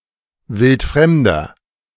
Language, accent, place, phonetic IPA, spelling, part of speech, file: German, Germany, Berlin, [ˈvɪltˈfʁɛmdɐ], wildfremder, adjective, De-wildfremder.ogg
- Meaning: inflection of wildfremd: 1. strong/mixed nominative masculine singular 2. strong genitive/dative feminine singular 3. strong genitive plural